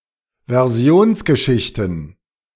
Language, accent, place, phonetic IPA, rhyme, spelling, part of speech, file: German, Germany, Berlin, [vɛʁˈzi̯oːnsɡəˌʃɪçtn̩], -oːnsɡəʃɪçtn̩, Versionsgeschichten, noun, De-Versionsgeschichten.ogg
- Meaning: plural of Versionsgeschichte